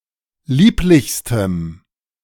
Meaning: strong dative masculine/neuter singular superlative degree of lieblich
- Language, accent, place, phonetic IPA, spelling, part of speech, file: German, Germany, Berlin, [ˈliːplɪçstəm], lieblichstem, adjective, De-lieblichstem.ogg